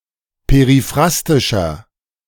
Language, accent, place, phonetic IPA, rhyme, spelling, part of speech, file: German, Germany, Berlin, [peʁiˈfʁastɪʃɐ], -astɪʃɐ, periphrastischer, adjective, De-periphrastischer.ogg
- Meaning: inflection of periphrastisch: 1. strong/mixed nominative masculine singular 2. strong genitive/dative feminine singular 3. strong genitive plural